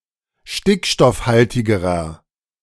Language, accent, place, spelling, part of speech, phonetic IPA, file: German, Germany, Berlin, stickstoffhaltigerer, adjective, [ˈʃtɪkʃtɔfˌhaltɪɡəʁɐ], De-stickstoffhaltigerer.ogg
- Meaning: inflection of stickstoffhaltig: 1. strong/mixed nominative masculine singular comparative degree 2. strong genitive/dative feminine singular comparative degree